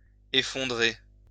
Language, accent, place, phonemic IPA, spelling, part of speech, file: French, France, Lyon, /e.fɔ̃.dʁe/, effondrer, verb, LL-Q150 (fra)-effondrer.wav
- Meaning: to collapse